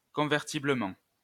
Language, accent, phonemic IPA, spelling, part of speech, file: French, France, /kɔ̃.vɛʁ.ti.blə.mɑ̃/, convertiblement, adverb, LL-Q150 (fra)-convertiblement.wav
- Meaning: convertibly